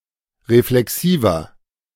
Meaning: inflection of reflexiv: 1. strong/mixed nominative masculine singular 2. strong genitive/dative feminine singular 3. strong genitive plural
- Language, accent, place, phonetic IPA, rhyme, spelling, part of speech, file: German, Germany, Berlin, [ʁeflɛˈksiːvɐ], -iːvɐ, reflexiver, adjective, De-reflexiver.ogg